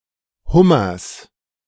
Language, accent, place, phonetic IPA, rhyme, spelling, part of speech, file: German, Germany, Berlin, [ˈhʊmɐs], -ʊmɐs, Hummers, noun, De-Hummers.ogg
- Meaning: genitive singular of Hummer